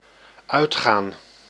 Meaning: 1. to go out (to go to public places for leisure) 2. to turn off, to shut down 3. to expire, to break up (of a relationship)
- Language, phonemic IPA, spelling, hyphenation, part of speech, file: Dutch, /ˈœy̯txaːn/, uitgaan, uit‧gaan, verb, Nl-uitgaan.ogg